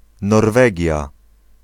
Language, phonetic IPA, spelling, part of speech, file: Polish, [nɔrˈvɛɟja], Norwegia, proper noun, Pl-Norwegia.ogg